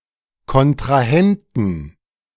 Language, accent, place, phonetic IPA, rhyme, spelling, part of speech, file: German, Germany, Berlin, [kɔntʁaˈhɛntn̩], -ɛntn̩, Kontrahenten, noun, De-Kontrahenten.ogg
- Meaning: plural of Kontrahent